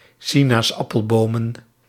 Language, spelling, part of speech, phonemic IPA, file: Dutch, sinaasappelbomen, noun, /ˈsinasˌɑpəlˌbomə(n)/, Nl-sinaasappelbomen.ogg
- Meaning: plural of sinaasappelboom